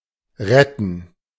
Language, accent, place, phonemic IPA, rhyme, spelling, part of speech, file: German, Germany, Berlin, /ˈʁɛtn̩/, -ɛtn̩, retten, verb, De-retten.ogg
- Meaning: to save, to rescue